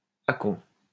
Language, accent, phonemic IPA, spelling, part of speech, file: French, France, /a.kɔ̃/, acon, noun, LL-Q150 (fra)-acon.wav
- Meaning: lighter (A flat-bottomed barge used for loading / unloading ships)